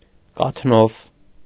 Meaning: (adjective) with milk, possessing milk; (noun) a milk-based rice soup, sweetened with sugar
- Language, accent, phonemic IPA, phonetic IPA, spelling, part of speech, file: Armenian, Eastern Armenian, /kɑtʰˈnov/, [kɑtʰnóv], կաթնով, adjective / noun, Hy-կաթնով.ogg